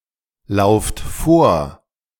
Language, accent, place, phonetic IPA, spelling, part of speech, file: German, Germany, Berlin, [ˌlaʊ̯ft ˈfoːɐ̯], lauft vor, verb, De-lauft vor.ogg
- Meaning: inflection of vorlaufen: 1. second-person plural present 2. plural imperative